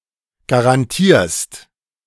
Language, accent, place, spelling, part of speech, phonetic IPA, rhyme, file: German, Germany, Berlin, garantierst, verb, [ɡaʁanˈtiːɐ̯st], -iːɐ̯st, De-garantierst.ogg
- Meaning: second-person singular present of garantieren